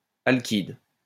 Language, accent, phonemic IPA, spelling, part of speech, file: French, France, /al.kid/, alkyde, adjective, LL-Q150 (fra)-alkyde.wav
- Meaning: alkyd